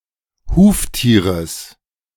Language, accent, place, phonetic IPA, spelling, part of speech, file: German, Germany, Berlin, [ˈhuːftiːʁəs], Huftieres, noun, De-Huftieres.ogg
- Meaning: genitive singular of Huftier